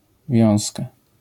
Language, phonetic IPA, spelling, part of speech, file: Polish, [ˈvʲjɔ̃w̃ska], wiązka, noun, LL-Q809 (pol)-wiązka.wav